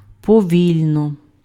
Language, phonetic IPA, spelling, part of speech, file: Ukrainian, [pɔˈʋʲilʲnɔ], повільно, adverb, Uk-повільно.ogg
- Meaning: slowly